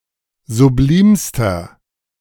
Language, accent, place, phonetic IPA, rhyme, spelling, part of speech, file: German, Germany, Berlin, [zuˈbliːmstɐ], -iːmstɐ, sublimster, adjective, De-sublimster.ogg
- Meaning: inflection of sublim: 1. strong/mixed nominative masculine singular superlative degree 2. strong genitive/dative feminine singular superlative degree 3. strong genitive plural superlative degree